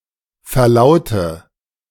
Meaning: inflection of verlauten: 1. first-person singular present 2. first/third-person singular subjunctive I 3. singular imperative
- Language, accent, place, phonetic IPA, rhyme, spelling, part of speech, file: German, Germany, Berlin, [fɛɐ̯ˈlaʊ̯tə], -aʊ̯tə, verlaute, verb, De-verlaute.ogg